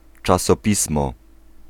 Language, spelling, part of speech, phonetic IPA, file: Polish, czasopismo, noun, [ˌt͡ʃasɔˈpʲismɔ], Pl-czasopismo.ogg